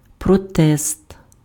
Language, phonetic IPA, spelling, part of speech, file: Ukrainian, [prɔˈtɛst], протест, noun, Uk-протест.ogg
- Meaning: 1. protest, protestation 2. objection (legal)